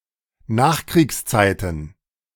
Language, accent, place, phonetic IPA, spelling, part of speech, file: German, Germany, Berlin, [ˈnaːxkʁiːksˌt͡saɪ̯tn̩], Nachkriegszeiten, noun, De-Nachkriegszeiten.ogg
- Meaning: plural of Nachkriegszeit